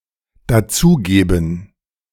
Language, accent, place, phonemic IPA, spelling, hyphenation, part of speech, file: German, Germany, Berlin, /daˈt͡suːˌɡeːbn̩/, dazugeben, da‧zu‧ge‧ben, verb, De-dazugeben.ogg
- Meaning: to add to something